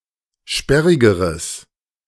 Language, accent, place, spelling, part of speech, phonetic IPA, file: German, Germany, Berlin, sperrigeres, adjective, [ˈʃpɛʁɪɡəʁəs], De-sperrigeres.ogg
- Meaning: strong/mixed nominative/accusative neuter singular comparative degree of sperrig